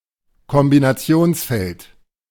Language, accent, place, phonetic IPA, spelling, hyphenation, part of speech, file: German, Germany, Berlin, [kɔmbinaˈt͡si̯oːnsˌfɛlt], Kombinationsfeld, Kom‧bi‧na‧ti‧ons‧feld, noun, De-Kombinationsfeld.ogg
- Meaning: combo box